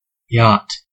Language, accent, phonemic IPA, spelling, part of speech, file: English, US, /jɑt/, yacht, noun / verb, En-us-yacht.ogg
- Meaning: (noun) A slick and light ship for making pleasure trips or racing on water, having sails but often motor-powered. At times used as a residence offshore on a dock